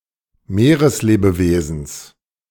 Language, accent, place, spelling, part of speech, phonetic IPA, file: German, Germany, Berlin, Meereslebewesens, noun, [ˈmeːʁəsˌleːbəveːzn̩s], De-Meereslebewesens.ogg
- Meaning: genitive singular of Meereslebewesen